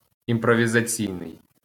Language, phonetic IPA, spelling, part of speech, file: Ukrainian, [imprɔʋʲizɐˈt͡sʲii̯nei̯], імпровізаційний, adjective, LL-Q8798 (ukr)-імпровізаційний.wav
- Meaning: improvisational